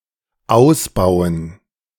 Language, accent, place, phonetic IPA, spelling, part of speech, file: German, Germany, Berlin, [ˈaʊ̯sˌbaʊ̯ən], Ausbauen, noun, De-Ausbauen.ogg
- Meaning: dative plural of Ausbau